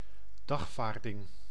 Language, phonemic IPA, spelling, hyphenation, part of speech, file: Dutch, /ˈdɑxˌfaːr.dɪŋ/, dagvaarding, dag‧vaar‧ding, noun, Nl-dagvaarding.ogg
- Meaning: 1. a summons, formal request/order to come/appear 2. a subpoena, writ requiring someone to appear in court, e.g. to give testimony